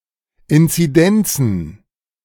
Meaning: plural of Inzidenz
- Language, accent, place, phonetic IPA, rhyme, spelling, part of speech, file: German, Germany, Berlin, [ɪnt͡siˈdɛnt͡sn̩], -ɛnt͡sn̩, Inzidenzen, noun, De-Inzidenzen.ogg